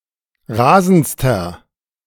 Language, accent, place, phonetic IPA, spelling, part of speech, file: German, Germany, Berlin, [ˈʁaːzn̩t͡stɐ], rasendster, adjective, De-rasendster.ogg
- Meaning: inflection of rasend: 1. strong/mixed nominative masculine singular superlative degree 2. strong genitive/dative feminine singular superlative degree 3. strong genitive plural superlative degree